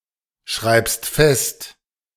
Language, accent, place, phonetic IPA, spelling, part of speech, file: German, Germany, Berlin, [ˌʃʁaɪ̯pst ˈfɛst], schreibst fest, verb, De-schreibst fest.ogg
- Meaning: second-person singular present of festschreiben